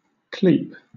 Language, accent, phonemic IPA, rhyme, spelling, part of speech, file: English, Southern England, /kliːp/, -iːp, clepe, verb / noun, LL-Q1860 (eng)-clepe.wav
- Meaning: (verb) 1. To give a call; cry out; appeal 2. To call; call upon; cry out to 3. To call to oneself; invite; summon 4. To call; call by the name of; name 5. To tell lies about; inform against (someone)